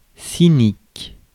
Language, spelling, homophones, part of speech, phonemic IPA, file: French, cynique, sinique, adjective / noun, /si.nik/, Fr-cynique.ogg
- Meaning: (adjective) 1. cynical 2. dog; canine; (noun) 1. cynic (person who believes that all people are motivated by selfishness) 2. cynic (person who practices the cynic philosophy)